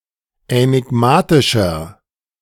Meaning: 1. comparative degree of änigmatisch 2. inflection of änigmatisch: strong/mixed nominative masculine singular 3. inflection of änigmatisch: strong genitive/dative feminine singular
- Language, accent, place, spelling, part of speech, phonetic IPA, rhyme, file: German, Germany, Berlin, änigmatischer, adjective, [ɛnɪˈɡmaːtɪʃɐ], -aːtɪʃɐ, De-änigmatischer.ogg